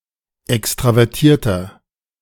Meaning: 1. comparative degree of extravertiert 2. inflection of extravertiert: strong/mixed nominative masculine singular 3. inflection of extravertiert: strong genitive/dative feminine singular
- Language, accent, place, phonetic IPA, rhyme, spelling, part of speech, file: German, Germany, Berlin, [ˌɛkstʁavɛʁˈtiːɐ̯tɐ], -iːɐ̯tɐ, extravertierter, adjective, De-extravertierter.ogg